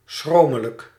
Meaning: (adjective) extreme, excessive; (adverb) extremely, excessively
- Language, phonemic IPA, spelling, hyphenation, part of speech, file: Dutch, /ˈsxroː.mə.lək/, schromelijk, schro‧me‧lijk, adjective / adverb, Nl-schromelijk.ogg